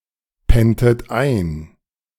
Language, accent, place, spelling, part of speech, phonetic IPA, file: German, Germany, Berlin, penntet ein, verb, [ˌpɛntət ˈaɪ̯n], De-penntet ein.ogg
- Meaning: inflection of einpennen: 1. second-person plural preterite 2. second-person plural subjunctive II